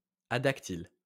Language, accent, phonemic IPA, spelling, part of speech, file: French, France, /a.dak.til/, adactyle, adjective, LL-Q150 (fra)-adactyle.wav
- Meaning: adactyl. adactylous